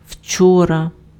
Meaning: yesterday
- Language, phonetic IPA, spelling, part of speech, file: Ukrainian, [ˈʍt͡ʃɔrɐ], вчора, adverb, Uk-вчора.ogg